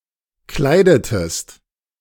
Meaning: inflection of kleiden: 1. second-person singular preterite 2. second-person singular subjunctive II
- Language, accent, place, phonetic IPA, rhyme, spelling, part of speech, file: German, Germany, Berlin, [ˈklaɪ̯dətəst], -aɪ̯dətəst, kleidetest, verb, De-kleidetest.ogg